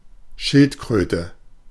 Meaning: turtle, tortoise
- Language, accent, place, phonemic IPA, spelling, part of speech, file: German, Germany, Berlin, /ˈʃɪltˌkʁøːtə/, Schildkröte, noun, De-Schildkröte.ogg